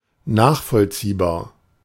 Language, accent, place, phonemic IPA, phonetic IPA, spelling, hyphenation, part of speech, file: German, Germany, Berlin, /ˈnaːχfɔlˌtsiːbaːʁ/, [ˈnaːχfɔlˌtsiːbaːɐ̯], nachvollziehbar, nach‧voll‧zieh‧bar, adjective, De-nachvollziehbar.ogg
- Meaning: 1. understandable, comprehensible 2. traceable